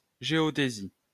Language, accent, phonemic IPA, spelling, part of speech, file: French, France, /ʒe.ɔ.de.zi/, géodésie, noun, LL-Q150 (fra)-géodésie.wav
- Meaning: geodesy (discipline which deals with the measurement and representation of Earth, its gravitational field and geodynamic phenomena in three-dimensional, time-varying space)